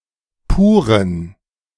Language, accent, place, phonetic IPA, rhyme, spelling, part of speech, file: German, Germany, Berlin, [ˈpuːʁən], -uːʁən, puren, adjective, De-puren.ogg
- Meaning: inflection of pur: 1. strong genitive masculine/neuter singular 2. weak/mixed genitive/dative all-gender singular 3. strong/weak/mixed accusative masculine singular 4. strong dative plural